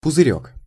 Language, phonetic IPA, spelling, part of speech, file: Russian, [pʊzɨˈrʲɵk], пузырёк, noun, Ru-пузырёк.ogg
- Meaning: 1. diminutive of пузы́рь (puzýrʹ): (small) bubble; vial, phial; vesicle 2. nip, miniature bottle (of hard liquor)